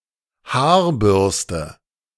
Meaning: hairbrush, hair-brush
- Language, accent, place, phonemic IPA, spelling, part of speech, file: German, Germany, Berlin, /ˈhaːɐ̯ˌbʏʁstə/, Haarbürste, noun, De-Haarbürste.ogg